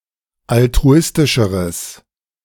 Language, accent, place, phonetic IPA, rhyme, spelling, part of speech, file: German, Germany, Berlin, [altʁuˈɪstɪʃəʁəs], -ɪstɪʃəʁəs, altruistischeres, adjective, De-altruistischeres.ogg
- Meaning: strong/mixed nominative/accusative neuter singular comparative degree of altruistisch